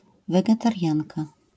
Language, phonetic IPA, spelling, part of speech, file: Polish, [ˌvɛɡɛtarʲˈjãnka], wegetarianka, noun, LL-Q809 (pol)-wegetarianka.wav